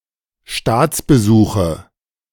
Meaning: nominative/accusative/genitive plural of Staatsbesuch
- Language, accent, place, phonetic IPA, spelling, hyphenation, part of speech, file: German, Germany, Berlin, [ˈʃtaːt͡sbəˌzuːχə], Staatsbesuche, Staats‧be‧su‧che, noun, De-Staatsbesuche.ogg